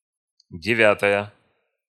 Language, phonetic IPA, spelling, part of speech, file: Russian, [dʲɪˈvʲatəjə], девятая, adjective / noun, Ru-девятая.ogg
- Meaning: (adjective) nominative feminine singular of девя́тый (devjátyj); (noun) ninth part, one ninth